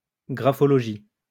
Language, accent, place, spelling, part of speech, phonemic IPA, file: French, France, Lyon, graphologie, noun, /ɡʁa.fɔ.lɔ.ʒi/, LL-Q150 (fra)-graphologie.wav
- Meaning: graphology